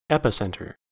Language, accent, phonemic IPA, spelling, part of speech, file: English, US, /ˈɛpɪˌsɛntɚ/, epicentre, noun / verb, En-us-epicentre.ogg
- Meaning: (noun) 1. The point on the land or water surface directly above the focus, or hypocentre, of an earthquake 2. The point on the surface of the earth directly above an underground explosion